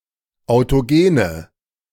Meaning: inflection of autogen: 1. strong/mixed nominative/accusative feminine singular 2. strong nominative/accusative plural 3. weak nominative all-gender singular 4. weak accusative feminine/neuter singular
- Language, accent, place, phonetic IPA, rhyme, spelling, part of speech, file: German, Germany, Berlin, [aʊ̯toˈɡeːnə], -eːnə, autogene, adjective, De-autogene.ogg